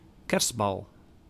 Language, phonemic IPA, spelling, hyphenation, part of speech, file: Dutch, /ˈkɛrst.bɑl/, kerstbal, kerst‧bal, noun, Nl-kerstbal.ogg
- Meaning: 1. a bauble (spherical decoration) used as Christmas decoration, especially in Christmas trees 2. a Christmas-themed ball (celebration)